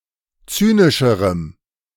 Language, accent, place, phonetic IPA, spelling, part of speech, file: German, Germany, Berlin, [ˈt͡syːnɪʃəʁəm], zynischerem, adjective, De-zynischerem.ogg
- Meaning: strong dative masculine/neuter singular comparative degree of zynisch